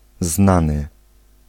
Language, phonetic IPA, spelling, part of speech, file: Polish, [ˈznãnɨ], znany, adjective, Pl-znany.ogg